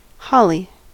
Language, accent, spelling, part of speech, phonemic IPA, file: English, US, holly, noun, /ˈhɑli/, En-us-holly.ogg
- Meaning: 1. Any of various shrubs or (mostly) small trees, of the genus Ilex, either evergreen or deciduous, used as decoration especially at Christmas 2. The wood from this tree